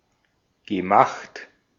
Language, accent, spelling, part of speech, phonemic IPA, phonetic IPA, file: German, Austria, gemacht, verb, /ɡəˈmaxt/, [ɡəˈmaχt], De-at-gemacht.ogg
- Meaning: past participle of machen